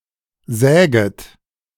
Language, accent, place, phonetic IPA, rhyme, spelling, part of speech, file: German, Germany, Berlin, [ˈzɛːɡət], -ɛːɡət, säget, verb, De-säget.ogg
- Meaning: second-person plural subjunctive I of sägen